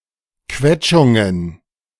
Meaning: plural of Quetschung
- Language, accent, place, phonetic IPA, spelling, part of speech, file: German, Germany, Berlin, [ˈkvɛt͡ʃʊŋən], Quetschungen, noun, De-Quetschungen.ogg